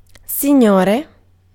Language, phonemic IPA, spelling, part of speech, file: Italian, /si.ˈɲo.re/, signore, noun, It-signore.ogg